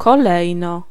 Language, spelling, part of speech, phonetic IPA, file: Polish, kolejno, adverb, [kɔˈlɛjnɔ], Pl-kolejno.ogg